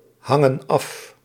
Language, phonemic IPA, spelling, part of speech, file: Dutch, /ˈhɑŋə(n) ˈɑf/, hangen af, verb, Nl-hangen af.ogg
- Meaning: inflection of afhangen: 1. plural present indicative 2. plural present subjunctive